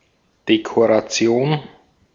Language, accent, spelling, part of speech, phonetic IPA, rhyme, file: German, Austria, Dekoration, noun, [dekoʁaˈt͡si̯oːn], -oːn, De-at-Dekoration.ogg
- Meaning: decoration